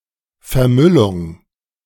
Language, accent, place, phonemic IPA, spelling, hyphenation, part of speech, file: German, Germany, Berlin, /fɛɐ̯ˈmʏlʊŋ/, Vermüllung, Ver‧müll‧ung, noun, De-Vermüllung.ogg
- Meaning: littering